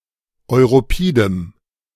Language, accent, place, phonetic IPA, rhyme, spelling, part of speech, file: German, Germany, Berlin, [ɔɪ̯ʁoˈpiːdəm], -iːdəm, europidem, adjective, De-europidem.ogg
- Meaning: strong dative masculine/neuter singular of europid